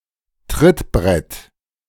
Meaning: footboard, running board
- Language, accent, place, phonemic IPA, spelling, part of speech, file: German, Germany, Berlin, /ˈtʁɪtˌbʁɛt/, Trittbrett, noun, De-Trittbrett.ogg